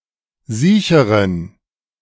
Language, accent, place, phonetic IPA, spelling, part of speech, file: German, Germany, Berlin, [ˈziːçəʁən], siecheren, adjective, De-siecheren.ogg
- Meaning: inflection of siech: 1. strong genitive masculine/neuter singular comparative degree 2. weak/mixed genitive/dative all-gender singular comparative degree